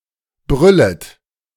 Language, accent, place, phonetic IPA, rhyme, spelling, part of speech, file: German, Germany, Berlin, [ˈbʁʏlət], -ʏlət, brüllet, verb, De-brüllet.ogg
- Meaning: second-person plural subjunctive I of brüllen